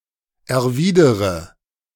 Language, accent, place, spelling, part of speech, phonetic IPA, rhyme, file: German, Germany, Berlin, erwidere, verb, [ɛɐ̯ˈviːdəʁə], -iːdəʁə, De-erwidere.ogg
- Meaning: inflection of erwidern: 1. first-person singular present 2. first/third-person singular subjunctive I 3. singular imperative